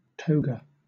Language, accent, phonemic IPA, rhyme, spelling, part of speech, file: English, Southern England, /ˈtəʊ.ɡə/, -əʊɡə, toga, noun, LL-Q1860 (eng)-toga.wav
- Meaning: 1. A loose outer garment worn by the citizens of Ancient Rome 2. A loose wrap gown 3. cap and gown; ceremonial gown or robe (worn by a graduate, lawyer, judge, professor etc.)